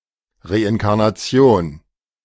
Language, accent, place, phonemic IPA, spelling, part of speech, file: German, Germany, Berlin, /ˌʁeʔɪnkaʁnaˈt͡si̯oːn/, Reinkarnation, noun, De-Reinkarnation.ogg
- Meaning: reincarnation